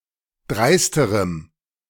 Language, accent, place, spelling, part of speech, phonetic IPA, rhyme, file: German, Germany, Berlin, dreisterem, adjective, [ˈdʁaɪ̯stəʁəm], -aɪ̯stəʁəm, De-dreisterem.ogg
- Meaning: strong dative masculine/neuter singular comparative degree of dreist